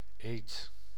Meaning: oath
- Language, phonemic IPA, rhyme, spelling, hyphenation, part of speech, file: Dutch, /eːt/, -eːt, eed, eed, noun, Nl-eed.ogg